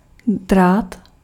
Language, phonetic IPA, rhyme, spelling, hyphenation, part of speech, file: Czech, [ˈdraːt], -aːt, drát, drát, verb / noun, Cs-drát.ogg
- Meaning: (verb) 1. to rip (bird feathers) 2. to jostle somewhere; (noun) wire (thin thread of metal)